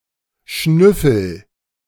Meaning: inflection of schnüffeln: 1. first-person singular present 2. singular imperative
- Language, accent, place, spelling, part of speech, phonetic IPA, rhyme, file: German, Germany, Berlin, schnüffel, verb, [ˈʃnʏfl̩], -ʏfl̩, De-schnüffel.ogg